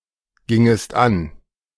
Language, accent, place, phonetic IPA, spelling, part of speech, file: German, Germany, Berlin, [ˌɡɪŋəst ˈan], gingest an, verb, De-gingest an.ogg
- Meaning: second-person singular subjunctive II of angehen